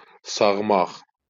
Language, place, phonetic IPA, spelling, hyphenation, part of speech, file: Azerbaijani, Baku, [sɑɣˈmɑχ], sağmaq, sağ‧maq, verb, LL-Q9292 (aze)-sağmaq.wav
- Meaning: 1. to milk (an animal) 2. to milk, to exploit